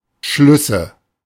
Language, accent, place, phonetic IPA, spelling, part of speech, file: German, Germany, Berlin, [ˈʃlʏsə], Schlüsse, noun, De-Schlüsse.ogg
- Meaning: nominative/accusative/genitive plural of Schluss